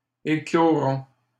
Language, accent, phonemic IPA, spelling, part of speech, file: French, Canada, /e.klɔ.ʁɔ̃/, écloront, verb, LL-Q150 (fra)-écloront.wav
- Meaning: third-person plural simple future of éclore